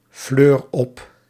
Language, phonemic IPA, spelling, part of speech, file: Dutch, /ˈflør ˈɔp/, fleur op, verb, Nl-fleur op.ogg
- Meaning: inflection of opfleuren: 1. first-person singular present indicative 2. second-person singular present indicative 3. imperative